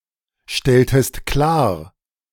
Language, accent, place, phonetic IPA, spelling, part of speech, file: German, Germany, Berlin, [ˌʃtɛltəst ˈklaːɐ̯], stelltest klar, verb, De-stelltest klar.ogg
- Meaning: inflection of klarstellen: 1. second-person singular preterite 2. second-person singular subjunctive II